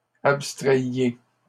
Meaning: inflection of abstraire: 1. second-person plural imperfect indicative 2. second-person plural present subjunctive
- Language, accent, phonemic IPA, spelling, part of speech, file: French, Canada, /ap.stʁɛj.je/, abstrayiez, verb, LL-Q150 (fra)-abstrayiez.wav